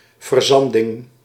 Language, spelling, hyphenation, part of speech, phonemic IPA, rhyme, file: Dutch, verzanding, ver‧zan‧ding, noun, /vərˈzɑn.dɪŋ/, -ɑndɪŋ, Nl-verzanding.ogg
- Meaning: the process of becoming clogged with sand; the formation of sand deposits